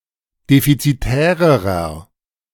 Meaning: inflection of defizitär: 1. strong/mixed nominative masculine singular comparative degree 2. strong genitive/dative feminine singular comparative degree 3. strong genitive plural comparative degree
- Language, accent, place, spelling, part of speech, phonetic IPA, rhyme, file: German, Germany, Berlin, defizitärerer, adjective, [ˌdefit͡siˈtɛːʁəʁɐ], -ɛːʁəʁɐ, De-defizitärerer.ogg